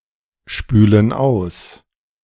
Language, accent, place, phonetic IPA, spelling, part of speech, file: German, Germany, Berlin, [ˌʃpyːlən ˈaʊ̯s], spülen aus, verb, De-spülen aus.ogg
- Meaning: inflection of ausspülen: 1. first/third-person plural present 2. first/third-person plural subjunctive I